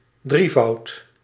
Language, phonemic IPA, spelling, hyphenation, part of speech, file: Dutch, /ˈdri.vɑu̯t/, drievoud, drie‧voud, noun, Nl-drievoud.ogg
- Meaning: threefold, triplicate